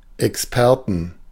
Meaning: 1. dative singular of Experte 2. genitive singular of Experte 3. plural of Experte
- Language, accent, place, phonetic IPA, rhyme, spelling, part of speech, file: German, Germany, Berlin, [ɛksˈpɛʁtn̩], -ɛʁtn̩, Experten, noun, De-Experten.ogg